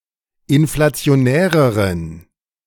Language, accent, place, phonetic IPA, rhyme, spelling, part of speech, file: German, Germany, Berlin, [ɪnflat͡si̯oˈnɛːʁəʁən], -ɛːʁəʁən, inflationäreren, adjective, De-inflationäreren.ogg
- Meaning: inflection of inflationär: 1. strong genitive masculine/neuter singular comparative degree 2. weak/mixed genitive/dative all-gender singular comparative degree